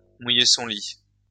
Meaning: to wet the bed (to urinate in one's bed)
- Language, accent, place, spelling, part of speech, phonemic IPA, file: French, France, Lyon, mouiller son lit, verb, /mu.je sɔ̃ li/, LL-Q150 (fra)-mouiller son lit.wav